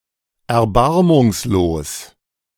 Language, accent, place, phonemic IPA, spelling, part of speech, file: German, Germany, Berlin, /ɛɐ̯ˈbaʁmʊŋsloːs/, erbarmungslos, adjective / adverb, De-erbarmungslos.ogg
- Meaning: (adjective) pitiless; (adverb) pitilessly